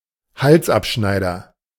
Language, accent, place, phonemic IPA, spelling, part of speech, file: German, Germany, Berlin, /ˈhalsʔapˌʃnaɪ̯dɐ/, Halsabschneider, noun, De-Halsabschneider.ogg
- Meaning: usurer, racketeer, cutthroat